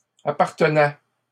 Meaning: first/second-person singular imperfect indicative of appartenir
- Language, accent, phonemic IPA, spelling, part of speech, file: French, Canada, /a.paʁ.tə.nɛ/, appartenais, verb, LL-Q150 (fra)-appartenais.wav